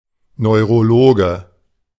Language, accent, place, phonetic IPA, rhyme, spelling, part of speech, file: German, Germany, Berlin, [nɔɪ̯ʁoˈloːɡə], -oːɡə, Neurologe, noun, De-Neurologe.ogg
- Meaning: neurologist (male or of unspecified gender)